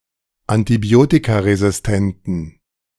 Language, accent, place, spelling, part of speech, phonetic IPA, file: German, Germany, Berlin, antibiotikaresistenten, adjective, [antiˈbi̯oːtikaʁezɪsˌtɛntn̩], De-antibiotikaresistenten.ogg
- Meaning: inflection of antibiotikaresistent: 1. strong genitive masculine/neuter singular 2. weak/mixed genitive/dative all-gender singular 3. strong/weak/mixed accusative masculine singular